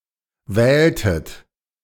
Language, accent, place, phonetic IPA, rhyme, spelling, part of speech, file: German, Germany, Berlin, [ˈvɛːltət], -ɛːltət, wähltet, verb, De-wähltet.ogg
- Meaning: inflection of wählen: 1. second-person plural preterite 2. second-person plural subjunctive II